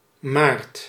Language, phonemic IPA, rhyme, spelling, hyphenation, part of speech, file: Dutch, /maːrt/, -aːrt, maart, maart, noun / verb, Nl-maart.ogg
- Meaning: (noun) March; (verb) inflection of maren: 1. second/third-person singular present indicative 2. plural imperative